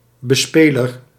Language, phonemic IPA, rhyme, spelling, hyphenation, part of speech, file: Dutch, /bəˈspeː.lər/, -eːlər, bespeler, be‧spe‧ler, noun, Nl-bespeler.ogg
- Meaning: player (e.g. of a musical instrument)